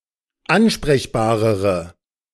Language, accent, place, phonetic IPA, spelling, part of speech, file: German, Germany, Berlin, [ˈanʃpʁɛçbaːʁəʁə], ansprechbarere, adjective, De-ansprechbarere.ogg
- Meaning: inflection of ansprechbar: 1. strong/mixed nominative/accusative feminine singular comparative degree 2. strong nominative/accusative plural comparative degree